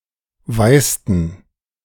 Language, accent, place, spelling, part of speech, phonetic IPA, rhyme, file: German, Germany, Berlin, weißten, verb, [ˈvaɪ̯stn̩], -aɪ̯stn̩, De-weißten.ogg
- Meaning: inflection of weißen: 1. first/third-person plural preterite 2. first/third-person plural subjunctive II